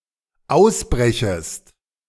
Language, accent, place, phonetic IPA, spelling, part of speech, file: German, Germany, Berlin, [ˈaʊ̯sˌbʁɛçəst], ausbrechest, verb, De-ausbrechest.ogg
- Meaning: second-person singular dependent subjunctive I of ausbrechen